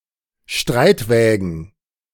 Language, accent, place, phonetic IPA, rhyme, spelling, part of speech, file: German, Germany, Berlin, [ˈʃtʁaɪ̯tˌvɛːɡn̩], -aɪ̯tvɛːɡn̩, Streitwägen, noun, De-Streitwägen.ogg
- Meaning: plural of Streitwagen